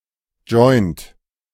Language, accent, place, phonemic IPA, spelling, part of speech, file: German, Germany, Berlin, /dʒɔɪ̯nt/, Joint, noun, De-Joint.ogg
- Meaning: marijuana cigarette; joint